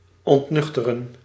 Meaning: 1. to become sober 2. to sober up 3. to disillusion
- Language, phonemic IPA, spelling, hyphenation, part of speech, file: Dutch, /ˌɔntˈnʏx.tə.rə(n)/, ontnuchteren, ont‧nuch‧te‧ren, verb, Nl-ontnuchteren.ogg